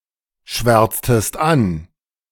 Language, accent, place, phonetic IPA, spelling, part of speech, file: German, Germany, Berlin, [ˌʃvɛʁt͡stəst ˈan], schwärztest an, verb, De-schwärztest an.ogg
- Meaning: inflection of anschwärzen: 1. second-person singular preterite 2. second-person singular subjunctive II